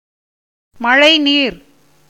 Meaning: rainwater
- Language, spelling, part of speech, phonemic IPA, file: Tamil, மழைநீர், noun, /mɐɻɐɪ̯niːɾ/, Ta-மழைநீர்.ogg